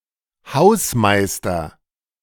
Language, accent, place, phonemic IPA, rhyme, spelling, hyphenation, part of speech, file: German, Germany, Berlin, /ˈhaʊsˌmaɪ̯stɐ/, -aɪ̯stɐ, Hausmeister, Haus‧mei‧ster, noun, De-Hausmeister.ogg
- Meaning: caretaker or janitor (male or of unspecified gender) (someone who repairs and potentially cleans a building)